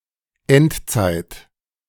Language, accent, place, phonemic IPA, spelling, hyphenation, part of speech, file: German, Germany, Berlin, /ˈɛntˌt͡saɪ̯t/, Endzeit, End‧zeit, noun, De-Endzeit.ogg
- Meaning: end times